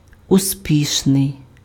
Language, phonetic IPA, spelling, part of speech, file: Ukrainian, [ʊˈsʲpʲiʃnei̯], успішний, adjective, Uk-успішний.ogg
- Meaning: successful (resulting in success)